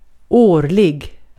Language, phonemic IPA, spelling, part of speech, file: Swedish, /²oːɭɪ(ɡ)/, årlig, adjective, Sv-årlig.ogg
- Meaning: yearly, annual